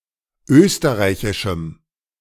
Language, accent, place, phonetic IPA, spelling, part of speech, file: German, Germany, Berlin, [ˈøːstəʁaɪ̯çɪʃm̩], österreichischem, adjective, De-österreichischem.ogg
- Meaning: strong dative masculine/neuter singular of österreichisch